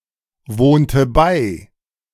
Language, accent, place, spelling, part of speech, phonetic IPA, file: German, Germany, Berlin, wohnte bei, verb, [ˈvoːntə ˈbaɪ̯], De-wohnte bei.ogg
- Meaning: inflection of beiwohnen: 1. first/third-person singular preterite 2. first/third-person singular subjunctive II